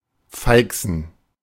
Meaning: to smirk, to grin or laugh in a gleeful or gloating manner
- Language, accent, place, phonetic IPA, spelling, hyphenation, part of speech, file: German, Germany, Berlin, [ˈfaɪ̯ksn̩], feixen, fei‧xen, verb, De-feixen.ogg